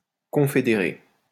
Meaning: to confederate
- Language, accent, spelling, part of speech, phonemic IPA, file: French, France, confédérer, verb, /kɔ̃.fe.de.ʁe/, LL-Q150 (fra)-confédérer.wav